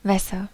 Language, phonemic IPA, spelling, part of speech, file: German, /ˈvɛsɐ/, Wässer, noun, De-Wässer.ogg
- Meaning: nominative/accusative/genitive plural of Wasser